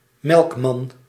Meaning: a milkman, dairy seller and/or - deliver
- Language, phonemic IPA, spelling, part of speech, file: Dutch, /ˈmɛlᵊkˌmɑn/, melkman, noun, Nl-melkman.ogg